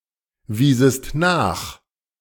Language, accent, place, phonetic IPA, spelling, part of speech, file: German, Germany, Berlin, [ˌviːzəst ˈnaːx], wiesest nach, verb, De-wiesest nach.ogg
- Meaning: second-person singular subjunctive II of nachweisen